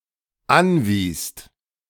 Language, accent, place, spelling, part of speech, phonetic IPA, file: German, Germany, Berlin, anwiest, verb, [ˈanˌviːst], De-anwiest.ogg
- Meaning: second-person singular/plural dependent preterite of anweisen